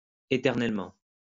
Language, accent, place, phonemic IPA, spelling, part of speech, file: French, France, Lyon, /e.tɛʁ.nɛl.mɑ̃/, éternellement, adverb, LL-Q150 (fra)-éternellement.wav
- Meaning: eternally